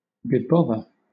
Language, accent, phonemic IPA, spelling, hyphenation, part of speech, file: English, Southern England, /bəˈbɒðə/, bebother, be‧both‧er, verb, LL-Q1860 (eng)-bebother.wav
- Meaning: 1. To bring trouble upon 2. Damn; curse